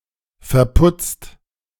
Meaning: 1. past participle of verputzen 2. inflection of verputzen: second/third-person singular present 3. inflection of verputzen: second-person plural present 4. inflection of verputzen: plural imperative
- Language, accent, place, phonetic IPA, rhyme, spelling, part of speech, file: German, Germany, Berlin, [fɛɐ̯ˈpʊt͡st], -ʊt͡st, verputzt, verb, De-verputzt.ogg